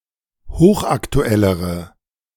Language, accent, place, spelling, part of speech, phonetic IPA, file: German, Germany, Berlin, hochaktuellere, adjective, [ˈhoːxʔaktuˌɛləʁə], De-hochaktuellere.ogg
- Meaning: inflection of hochaktuell: 1. strong/mixed nominative/accusative feminine singular comparative degree 2. strong nominative/accusative plural comparative degree